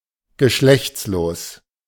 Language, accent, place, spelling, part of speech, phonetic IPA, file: German, Germany, Berlin, geschlechtslos, adjective, [ɡəˈʃlɛçt͡sloːs], De-geschlechtslos.ogg
- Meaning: 1. sexless 2. asexual